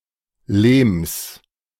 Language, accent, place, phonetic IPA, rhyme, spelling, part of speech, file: German, Germany, Berlin, [leːms], -eːms, Lehms, noun, De-Lehms.ogg
- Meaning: genitive singular of Lehm